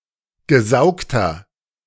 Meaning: inflection of gesaugt: 1. strong/mixed nominative masculine singular 2. strong genitive/dative feminine singular 3. strong genitive plural
- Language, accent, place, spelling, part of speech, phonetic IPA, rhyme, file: German, Germany, Berlin, gesaugter, adjective, [ɡəˈzaʊ̯ktɐ], -aʊ̯ktɐ, De-gesaugter.ogg